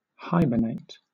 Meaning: To spend the winter in a dormant or inactive state of minimal activity, low body temperature, slow breathing and heart rate, and low metabolic rate; to go through a winter sleep
- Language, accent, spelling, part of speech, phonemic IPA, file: English, Southern England, hibernate, verb, /ˈhaɪbə(r)ˌneɪt/, LL-Q1860 (eng)-hibernate.wav